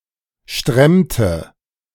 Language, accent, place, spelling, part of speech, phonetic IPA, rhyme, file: German, Germany, Berlin, stremmte, verb, [ˈʃtʁɛmtə], -ɛmtə, De-stremmte.ogg
- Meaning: inflection of stremmen: 1. first/third-person singular preterite 2. first/third-person singular subjunctive II